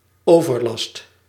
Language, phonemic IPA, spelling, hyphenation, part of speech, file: Dutch, /ˈoː.vərˌlɑst/, overlast, over‧last, noun, Nl-overlast.ogg
- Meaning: 1. nuisance, bother 2. excessive burden